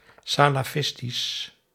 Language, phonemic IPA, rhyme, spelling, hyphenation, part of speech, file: Dutch, /ˌsaː.laːˈfɪs.tis/, -ɪstis, salafistisch, sa‧la‧fis‧tisch, adjective, Nl-salafistisch.ogg
- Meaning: Salafistic, Salafi